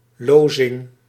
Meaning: dumping, discharging
- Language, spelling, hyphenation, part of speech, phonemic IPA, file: Dutch, lozing, lo‧zing, noun, /ˈloː.zɪŋ/, Nl-lozing.ogg